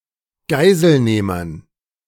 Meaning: dative plural of Geiselnehmer
- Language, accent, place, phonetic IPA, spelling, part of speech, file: German, Germany, Berlin, [ˈɡaɪ̯zəlˌneːmɐn], Geiselnehmern, noun, De-Geiselnehmern.ogg